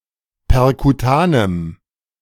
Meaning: strong dative masculine/neuter singular of perkutan
- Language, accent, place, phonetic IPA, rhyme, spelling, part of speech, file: German, Germany, Berlin, [pɛʁkuˈtaːnəm], -aːnəm, perkutanem, adjective, De-perkutanem.ogg